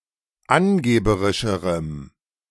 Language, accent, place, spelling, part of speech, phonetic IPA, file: German, Germany, Berlin, angeberischerem, adjective, [ˈanˌɡeːbəʁɪʃəʁəm], De-angeberischerem.ogg
- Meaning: strong dative masculine/neuter singular comparative degree of angeberisch